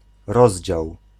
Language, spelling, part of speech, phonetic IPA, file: Polish, rozdział, noun / verb, [ˈrɔʑd͡ʑaw], Pl-rozdział.ogg